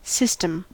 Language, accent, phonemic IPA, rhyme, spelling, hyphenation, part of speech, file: English, General American, /ˈsɪstəm/, -ɪstəm, system, sys‧tem, noun, En-us-system.ogg
- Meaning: A group or set of related things that operate together as a complex whole